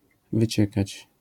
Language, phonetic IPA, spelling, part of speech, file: Polish, [vɨˈt͡ɕɛkat͡ɕ], wyciekać, verb, LL-Q809 (pol)-wyciekać.wav